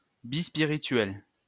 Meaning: a two-spirit
- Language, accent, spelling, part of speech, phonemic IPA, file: French, France, bispirituel, noun, /bis.pi.ʁi.tɥɛl/, LL-Q150 (fra)-bispirituel.wav